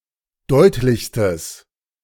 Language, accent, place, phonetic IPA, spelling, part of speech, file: German, Germany, Berlin, [ˈdɔɪ̯tlɪçstəs], deutlichstes, adjective, De-deutlichstes.ogg
- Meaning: strong/mixed nominative/accusative neuter singular superlative degree of deutlich